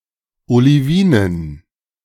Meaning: dative plural of Olivin
- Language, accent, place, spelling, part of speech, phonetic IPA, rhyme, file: German, Germany, Berlin, Olivinen, noun, [oliˈviːnən], -iːnən, De-Olivinen.ogg